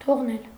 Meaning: 1. to leave 2. to let, to allow
- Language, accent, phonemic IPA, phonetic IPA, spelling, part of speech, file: Armenian, Eastern Armenian, /tʰoʁˈnel/, [tʰoʁnél], թողնել, verb, Hy-թողնել.ogg